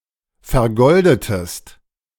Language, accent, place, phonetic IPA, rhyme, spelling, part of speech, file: German, Germany, Berlin, [fɛɐ̯ˈɡɔldətəst], -ɔldətəst, vergoldetest, verb, De-vergoldetest.ogg
- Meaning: inflection of vergolden: 1. second-person singular preterite 2. second-person singular subjunctive II